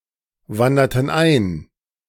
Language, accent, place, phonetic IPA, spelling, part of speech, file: German, Germany, Berlin, [ˌvandɐtn̩ ˈaɪ̯n], wanderten ein, verb, De-wanderten ein.ogg
- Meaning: inflection of einwandern: 1. first/third-person plural preterite 2. first/third-person plural subjunctive II